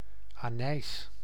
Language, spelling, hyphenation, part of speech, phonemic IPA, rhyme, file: Dutch, anijs, anijs, noun, /aːˈnɛi̯s/, -ɛi̯s, Nl-anijs.ogg
- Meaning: anise (Pimpinella anisum, plant and spice)